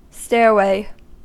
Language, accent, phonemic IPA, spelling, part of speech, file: English, US, /ˈstɛɹweɪ/, stairway, noun, En-us-stairway.ogg
- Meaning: A set of steps, with or without a case, that allow one to walk up or down